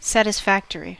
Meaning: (adjective) 1. Done to satisfaction; adequate or sufficient 2. Causing satisfaction; agreeable or pleasant; satisfying 3. Making atonement for a sin; expiatory
- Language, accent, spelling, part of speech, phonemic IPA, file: English, US, satisfactory, adjective / noun, /sætɪsˈfækt(ə)ɹi/, En-us-satisfactory.ogg